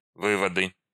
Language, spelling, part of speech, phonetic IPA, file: Russian, выводы, noun, [ˈvɨvədɨ], Ru-выводы.ogg
- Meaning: nominative/accusative plural of вы́вод (vývod)